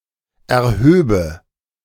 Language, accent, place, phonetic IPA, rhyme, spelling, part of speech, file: German, Germany, Berlin, [ɛɐ̯ˈhøːbə], -øːbə, erhöbe, verb, De-erhöbe.ogg
- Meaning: first/third-person singular subjunctive II of erheben